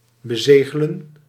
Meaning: 1. to seal, to provide with a seal 2. to confirm, to conclude, to finalise
- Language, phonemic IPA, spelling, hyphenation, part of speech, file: Dutch, /bəˈzeːɣələ(n)/, bezegelen, be‧ze‧ge‧len, verb, Nl-bezegelen.ogg